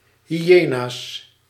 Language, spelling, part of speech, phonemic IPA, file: Dutch, hyena's, noun, /hiˈjenas/, Nl-hyena's.ogg
- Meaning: plural of hyena